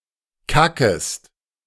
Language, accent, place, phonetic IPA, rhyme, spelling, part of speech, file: German, Germany, Berlin, [ˈkakəst], -akəst, kackest, verb, De-kackest.ogg
- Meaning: second-person singular subjunctive I of kacken